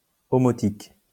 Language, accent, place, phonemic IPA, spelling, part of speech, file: French, France, Lyon, /ɔ.mɔ.tik/, omotique, adjective, LL-Q150 (fra)-omotique.wav
- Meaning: Omotic